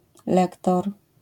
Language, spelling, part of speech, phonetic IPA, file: Polish, lektor, noun, [ˈlɛktɔr], LL-Q809 (pol)-lektor.wav